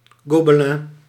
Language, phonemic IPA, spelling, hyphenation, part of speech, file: Dutch, /ˌɡobəˈlɛ̃/, gobelin, go‧be‧lin, noun, Nl-gobelin.ogg
- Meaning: 1. Gobelin, a rich, textured type of hand-stitched tapestry, fit to decorate a wall 2. a similar industrial fabric, used to cover furniture etc